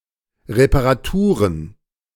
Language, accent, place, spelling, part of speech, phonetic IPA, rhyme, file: German, Germany, Berlin, Reparaturen, noun, [ʁepaʁaˈtuːʁən], -uːʁən, De-Reparaturen.ogg
- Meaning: plural of Reparatur